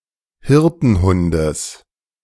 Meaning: genitive singular of Hirtenhund
- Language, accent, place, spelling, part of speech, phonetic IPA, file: German, Germany, Berlin, Hirtenhundes, noun, [ˈhɪʁtn̩ˌhʊndəs], De-Hirtenhundes.ogg